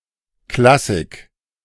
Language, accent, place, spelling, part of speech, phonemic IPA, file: German, Germany, Berlin, Klassik, noun, /ˈklasɪk/, De-Klassik.ogg
- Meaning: classical music, classical literature or another classical thing, the noun form of classical